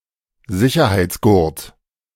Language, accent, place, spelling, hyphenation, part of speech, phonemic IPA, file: German, Germany, Berlin, Sicherheitsgurt, Si‧cher‧heits‧gurt, noun, /ˈzɪçɐhaɪ̯t͡sˌɡʊʁt/, De-Sicherheitsgurt.ogg
- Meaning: seat belt, safety belt